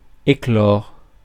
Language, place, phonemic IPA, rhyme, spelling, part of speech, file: French, Paris, /e.klɔʁ/, -ɔʁ, éclore, verb, Fr-éclore.ogg
- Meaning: 1. to hatch (for an egg) 2. to bloom (for a flower) 3. to hatch (to start, to begin existence)